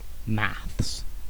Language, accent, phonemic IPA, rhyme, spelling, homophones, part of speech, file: English, UK, /mæθs/, -æθs, maths, max / mass, noun, En-uk-maths.ogg
- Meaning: Clipping of mathematics